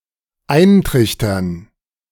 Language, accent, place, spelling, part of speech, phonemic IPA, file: German, Germany, Berlin, eintrichtern, verb, /ˈaɪ̯nˌtʁɪç.tɐn/, De-eintrichtern.ogg
- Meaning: 1. to impress upon, to din something into someone (to repeat insistently in order to persuade or make remember) 2. to funnel (to pour liquid through a funnel)